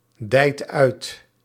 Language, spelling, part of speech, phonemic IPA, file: Dutch, dijt uit, verb, /ˈdɛit ˈœyt/, Nl-dijt uit.ogg
- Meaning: inflection of uitdijen: 1. second/third-person singular present indicative 2. plural imperative